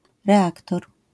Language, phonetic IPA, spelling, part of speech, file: Polish, [rɛˈaktɔr], reaktor, noun, LL-Q809 (pol)-reaktor.wav